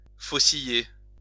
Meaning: to sickle (to cut with a sickle)
- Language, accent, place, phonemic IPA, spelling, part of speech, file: French, France, Lyon, /fo.si.je/, fauciller, verb, LL-Q150 (fra)-fauciller.wav